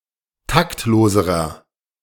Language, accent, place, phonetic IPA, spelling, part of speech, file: German, Germany, Berlin, [ˈtaktˌloːzəʁɐ], taktloserer, adjective, De-taktloserer.ogg
- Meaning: inflection of taktlos: 1. strong/mixed nominative masculine singular comparative degree 2. strong genitive/dative feminine singular comparative degree 3. strong genitive plural comparative degree